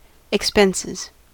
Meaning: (noun) plural of expense; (verb) third-person singular simple present indicative of expense
- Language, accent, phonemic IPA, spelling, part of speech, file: English, US, /ɪkˈspɛnsɪz/, expenses, noun / verb, En-us-expenses.ogg